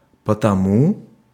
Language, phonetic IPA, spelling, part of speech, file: Russian, [pətɐˈmu], потому, adverb, Ru-потому.ogg
- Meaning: therefore, because of that, consequently